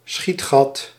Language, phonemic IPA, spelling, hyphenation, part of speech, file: Dutch, /ˈsxit.xɑt/, schietgat, schiet‧gat, noun, Nl-schietgat.ogg
- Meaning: loophole, embrasure